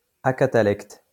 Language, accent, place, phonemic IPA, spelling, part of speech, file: French, France, Lyon, /a.ka.ta.lɛkt/, acatalecte, adjective, LL-Q150 (fra)-acatalecte.wav
- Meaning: synonym of acatalectique